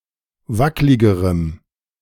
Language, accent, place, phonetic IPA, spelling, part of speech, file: German, Germany, Berlin, [ˈvaklɪɡəʁəm], wackligerem, adjective, De-wackligerem.ogg
- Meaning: strong dative masculine/neuter singular comparative degree of wacklig